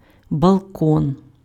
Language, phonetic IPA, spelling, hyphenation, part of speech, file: Ukrainian, [bɐɫˈkɔn], балкон, бал‧кон, noun, Uk-балкон.ogg
- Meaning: balcony